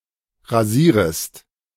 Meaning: second-person singular subjunctive I of rasieren
- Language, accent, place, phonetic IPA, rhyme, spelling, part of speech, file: German, Germany, Berlin, [ʁaˈziːʁəst], -iːʁəst, rasierest, verb, De-rasierest.ogg